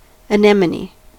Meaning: 1. Any plant of the genus Anemone, of the Ranunculaceae (or buttercup) family, such as the windflower 2. A sea anemone
- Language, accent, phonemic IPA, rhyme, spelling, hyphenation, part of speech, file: English, US, /əˈnɛməni/, -ɛməni, anemone, a‧nem‧o‧ne, noun, En-us-anemone.ogg